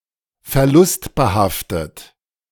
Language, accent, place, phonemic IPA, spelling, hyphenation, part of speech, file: German, Germany, Berlin, /fɛɐ̯ˈlʊstbəˌhaftət/, verlustbehaftet, ver‧lust‧be‧haf‧tet, adjective, De-verlustbehaftet.ogg
- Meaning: lossy